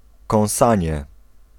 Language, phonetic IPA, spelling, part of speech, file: Polish, [kɔ̃w̃ˈsãɲɛ], kąsanie, noun, Pl-kąsanie.ogg